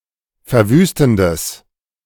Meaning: strong/mixed nominative/accusative neuter singular of verwüstend
- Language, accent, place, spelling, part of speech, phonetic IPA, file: German, Germany, Berlin, verwüstendes, adjective, [fɛɐ̯ˈvyːstn̩dəs], De-verwüstendes.ogg